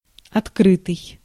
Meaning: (verb) past passive perfective participle of откры́ть (otkrýtʹ); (adjective) 1. open (not closed) 2. public
- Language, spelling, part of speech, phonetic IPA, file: Russian, открытый, verb / adjective, [ɐtˈkrɨtɨj], Ru-открытый.ogg